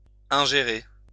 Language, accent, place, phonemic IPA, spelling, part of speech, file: French, France, Lyon, /ɛ̃.ʒe.ʁe/, ingérer, verb, LL-Q150 (fra)-ingérer.wav
- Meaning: 1. to ingest, to swallow 2. to interfere in, to meddle with